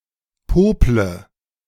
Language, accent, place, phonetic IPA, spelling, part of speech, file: German, Germany, Berlin, [ˈpoːplə], pople, verb, De-pople.ogg
- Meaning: inflection of popeln: 1. first-person singular present 2. first/third-person singular subjunctive I 3. singular imperative